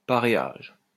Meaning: a feudal treaty recognising joint sovereignty over a territory by two rulers
- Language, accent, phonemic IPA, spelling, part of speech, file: French, France, /pa.ʁe.aʒ/, paréage, noun, LL-Q150 (fra)-paréage.wav